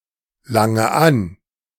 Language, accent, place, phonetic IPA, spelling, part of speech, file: German, Germany, Berlin, [ˌlaŋə ˈan], lange an, verb, De-lange an.ogg
- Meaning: inflection of anlangen: 1. first-person singular present 2. first/third-person singular subjunctive I 3. singular imperative